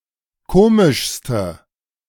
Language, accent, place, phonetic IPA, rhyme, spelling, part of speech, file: German, Germany, Berlin, [ˈkoːmɪʃstə], -oːmɪʃstə, komischste, adjective, De-komischste.ogg
- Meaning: inflection of komisch: 1. strong/mixed nominative/accusative feminine singular superlative degree 2. strong nominative/accusative plural superlative degree